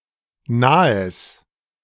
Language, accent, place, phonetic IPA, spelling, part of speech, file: German, Germany, Berlin, [naːəs], nahes, adjective, De-nahes.ogg
- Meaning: strong/mixed nominative/accusative neuter singular of nah